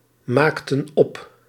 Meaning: inflection of opmaken: 1. plural past indicative 2. plural past subjunctive
- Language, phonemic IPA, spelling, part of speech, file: Dutch, /ˈmaktə(n) ˈɔp/, maakten op, verb, Nl-maakten op.ogg